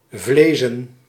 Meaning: plural of vlees
- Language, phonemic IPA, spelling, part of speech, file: Dutch, /ˈvlezə(n)/, vlezen, verb / adjective / noun, Nl-vlezen.ogg